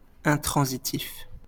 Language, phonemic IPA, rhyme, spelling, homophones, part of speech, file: French, /ɛ̃.tʁɑ̃.zi.tif/, -if, intransitif, intransitifs, adjective, LL-Q150 (fra)-intransitif.wav
- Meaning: intransitive (not taking a direct object)